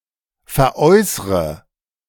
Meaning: inflection of veräußern: 1. first-person singular present 2. first/third-person singular subjunctive I 3. singular imperative
- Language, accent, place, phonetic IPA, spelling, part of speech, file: German, Germany, Berlin, [fɛɐ̯ˈʔɔɪ̯sʁə], veräußre, verb, De-veräußre.ogg